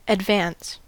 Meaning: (verb) To promote or advantage.: 1. To help the progress of (something); to further 2. To raise (someone) in rank or office; to prefer, to promote
- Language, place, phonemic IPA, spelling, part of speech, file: English, California, /ədˈvæns/, advance, verb / noun / adjective, En-us-advance.ogg